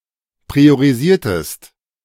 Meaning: inflection of priorisieren: 1. second-person singular preterite 2. second-person singular subjunctive II
- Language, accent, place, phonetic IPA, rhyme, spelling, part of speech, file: German, Germany, Berlin, [pʁioʁiˈziːɐ̯təst], -iːɐ̯təst, priorisiertest, verb, De-priorisiertest.ogg